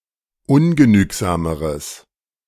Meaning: strong/mixed nominative/accusative neuter singular comparative degree of ungenügsam
- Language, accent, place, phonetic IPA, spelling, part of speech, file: German, Germany, Berlin, [ˈʊnɡəˌnyːkzaːməʁəs], ungenügsameres, adjective, De-ungenügsameres.ogg